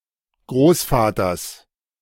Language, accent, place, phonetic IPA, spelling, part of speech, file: German, Germany, Berlin, [ˈɡʁoːsˌfaːtɐs], Großvaters, noun, De-Großvaters.ogg
- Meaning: genitive singular of Großvater